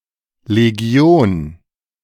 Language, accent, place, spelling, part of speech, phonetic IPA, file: German, Germany, Berlin, Legion, noun, [leˈɡioːn], De-Legion.ogg
- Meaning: legion